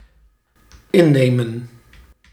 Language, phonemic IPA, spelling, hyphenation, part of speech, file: Dutch, /ˈɪˌneːmə(n)/, innemen, in‧ne‧men, verb, Nl-innemen.ogg
- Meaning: 1. to take, swallow (a medicine, (dated also) food and drink) 2. to confiscate 3. to take (a place, position) 4. to capture, conquer 5. to charm